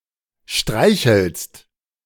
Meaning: second-person singular present of streicheln
- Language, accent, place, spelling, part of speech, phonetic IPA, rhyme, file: German, Germany, Berlin, streichelst, verb, [ˈʃtʁaɪ̯çl̩st], -aɪ̯çl̩st, De-streichelst.ogg